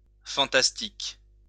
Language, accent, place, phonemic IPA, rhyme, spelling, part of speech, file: French, France, Lyon, /fɑ̃.tas.tik/, -ik, fantastique, adjective / noun, LL-Q150 (fra)-fantastique.wav
- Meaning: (adjective) 1. fantastic (related to fantasy or fantasies) 2. related to the fantastique genre